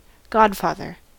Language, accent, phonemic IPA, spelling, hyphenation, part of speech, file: English, US, /ˈɡɑdfɑðɚ/, godfather, god‧father, noun / verb, En-us-godfather.ogg
- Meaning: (noun) A man present at the christening of a baby who promises to help raise the child in a Christian manner; a male godparent who sponsors the baptism of a child